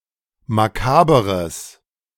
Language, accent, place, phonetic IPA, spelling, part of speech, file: German, Germany, Berlin, [maˈkaːbəʁəs], makaberes, adjective, De-makaberes.ogg
- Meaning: strong/mixed nominative/accusative neuter singular of makaber